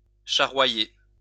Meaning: to cart (to transport by cart or waggon)
- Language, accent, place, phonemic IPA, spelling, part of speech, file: French, France, Lyon, /ʃa.ʁwa.je/, charroyer, verb, LL-Q150 (fra)-charroyer.wav